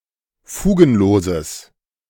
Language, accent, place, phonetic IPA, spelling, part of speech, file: German, Germany, Berlin, [ˈfuːɡn̩ˌloːzəs], fugenloses, adjective, De-fugenloses.ogg
- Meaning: strong/mixed nominative/accusative neuter singular of fugenlos